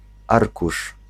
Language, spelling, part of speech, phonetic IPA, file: Polish, arkusz, noun, [ˈarkuʃ], Pl-arkusz.ogg